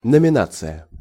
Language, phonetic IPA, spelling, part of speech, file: Russian, [nəmʲɪˈnat͡sɨjə], номинация, noun, Ru-номинация.ogg
- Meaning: nomination